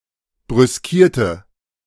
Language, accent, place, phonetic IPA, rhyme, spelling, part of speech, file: German, Germany, Berlin, [bʁʏsˈkiːɐ̯tə], -iːɐ̯tə, brüskierte, adjective / verb, De-brüskierte.ogg
- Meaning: inflection of brüskieren: 1. first/third-person singular preterite 2. first/third-person singular subjunctive II